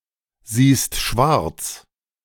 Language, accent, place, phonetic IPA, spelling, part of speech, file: German, Germany, Berlin, [ˌziːst ˈʃvaʁt͡s], siehst schwarz, verb, De-siehst schwarz.ogg
- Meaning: second-person singular present of schwarzsehen